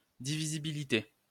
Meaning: divisibility (extent to which something is divisible)
- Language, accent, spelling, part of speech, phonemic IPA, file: French, France, divisibilité, noun, /di.vi.zi.bi.li.te/, LL-Q150 (fra)-divisibilité.wav